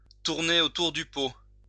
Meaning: to beat around the bush
- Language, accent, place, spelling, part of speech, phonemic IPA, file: French, France, Lyon, tourner autour du pot, verb, /tuʁ.ne o.tuʁ dy po/, LL-Q150 (fra)-tourner autour du pot.wav